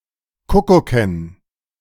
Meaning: dative plural of Kuckuck
- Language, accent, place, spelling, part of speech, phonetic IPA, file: German, Germany, Berlin, Kuckucken, noun, [ˈkʊkʊkən], De-Kuckucken.ogg